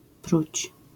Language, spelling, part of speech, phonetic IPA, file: Polish, pruć, verb, [prut͡ɕ], LL-Q809 (pol)-pruć.wav